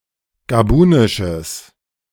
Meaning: strong/mixed nominative/accusative neuter singular of gabunisch
- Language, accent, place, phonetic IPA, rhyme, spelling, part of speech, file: German, Germany, Berlin, [ɡaˈbuːnɪʃəs], -uːnɪʃəs, gabunisches, adjective, De-gabunisches.ogg